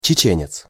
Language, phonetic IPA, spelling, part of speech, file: Russian, [t͡ɕɪˈt͡ɕenʲɪt͡s], чеченец, noun, Ru-чеченец.ogg
- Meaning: Chechen (person)